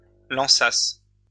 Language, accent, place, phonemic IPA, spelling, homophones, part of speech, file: French, France, Lyon, /lɑ̃.sas/, lançassent, lançasse / lançasses, verb, LL-Q150 (fra)-lançassent.wav
- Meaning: third-person plural imperfect subjunctive of lancer